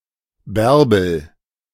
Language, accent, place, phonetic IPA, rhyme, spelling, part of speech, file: German, Germany, Berlin, [ˈbɛʁbl̩], -ɛʁbl̩, Bärbel, proper noun, De-Bärbel.ogg
- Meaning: a female given name